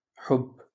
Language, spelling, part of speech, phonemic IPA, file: Moroccan Arabic, حب, noun, /ħubː/, LL-Q56426 (ary)-حب.wav
- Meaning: love